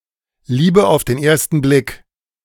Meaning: love at first sight (an instantaneous attraction)
- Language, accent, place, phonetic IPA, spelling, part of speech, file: German, Germany, Berlin, [ˈliːbə aʊ̯f deːn ˈeːɐ̯stn̩ blɪk], Liebe auf den ersten Blick, phrase, De-Liebe auf den ersten Blick.ogg